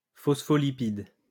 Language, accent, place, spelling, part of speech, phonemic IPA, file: French, France, Lyon, phospholipide, noun, /fɔs.fɔ.li.pid/, LL-Q150 (fra)-phospholipide.wav
- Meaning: phospholipid